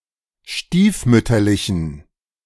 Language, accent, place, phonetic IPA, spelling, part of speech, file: German, Germany, Berlin, [ˈʃtiːfˌmʏtɐlɪçn̩], stiefmütterlichen, adjective, De-stiefmütterlichen.ogg
- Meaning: inflection of stiefmütterlich: 1. strong genitive masculine/neuter singular 2. weak/mixed genitive/dative all-gender singular 3. strong/weak/mixed accusative masculine singular 4. strong dative plural